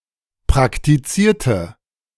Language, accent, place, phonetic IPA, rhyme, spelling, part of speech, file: German, Germany, Berlin, [pʁaktiˈt͡siːɐ̯tə], -iːɐ̯tə, praktizierte, adjective / verb, De-praktizierte.ogg
- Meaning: inflection of praktiziert: 1. strong/mixed nominative/accusative feminine singular 2. strong nominative/accusative plural 3. weak nominative all-gender singular